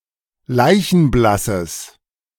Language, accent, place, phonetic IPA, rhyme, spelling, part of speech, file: German, Germany, Berlin, [ˈlaɪ̯çn̩ˈblasəs], -asəs, leichenblasses, adjective, De-leichenblasses.ogg
- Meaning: strong/mixed nominative/accusative neuter singular of leichenblass